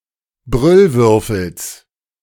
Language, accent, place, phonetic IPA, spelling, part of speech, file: German, Germany, Berlin, [ˈbʁʏlˌvʏʁfl̩s], Brüllwürfels, noun, De-Brüllwürfels.ogg
- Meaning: genitive singular of Brüllwürfel